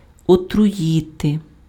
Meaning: to poison
- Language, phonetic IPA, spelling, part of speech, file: Ukrainian, [ɔtrʊˈjite], отруїти, verb, Uk-отруїти.ogg